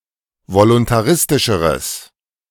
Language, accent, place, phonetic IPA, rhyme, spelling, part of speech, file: German, Germany, Berlin, [volʊntaˈʁɪstɪʃəʁəs], -ɪstɪʃəʁəs, voluntaristischeres, adjective, De-voluntaristischeres.ogg
- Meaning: strong/mixed nominative/accusative neuter singular comparative degree of voluntaristisch